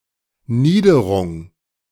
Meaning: lowland
- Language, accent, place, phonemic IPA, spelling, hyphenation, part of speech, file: German, Germany, Berlin, /ˈniːdəʁʊŋ/, Niederung, Nie‧de‧rung, noun, De-Niederung.ogg